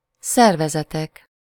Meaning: nominative plural of szervezet
- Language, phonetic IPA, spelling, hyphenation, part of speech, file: Hungarian, [ˈsɛrvɛzɛtɛk], szervezetek, szer‧ve‧ze‧tek, noun, Hu-szervezetek.ogg